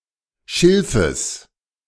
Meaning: genitive of Schilf
- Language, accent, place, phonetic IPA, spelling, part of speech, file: German, Germany, Berlin, [ˈʃɪlfəs], Schilfes, noun, De-Schilfes.ogg